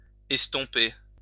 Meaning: 1. to blur 2. to blur (with a stump), to make indistinct, to dim 3. to become blurred 4. to die down, to fade away
- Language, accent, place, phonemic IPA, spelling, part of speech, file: French, France, Lyon, /ɛs.tɔ̃.pe/, estomper, verb, LL-Q150 (fra)-estomper.wav